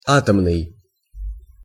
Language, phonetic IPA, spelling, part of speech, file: Russian, [ˈatəmnɨj], атомный, adjective, Ru-атомный.ogg
- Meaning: 1. atom; atomic 2. nuclear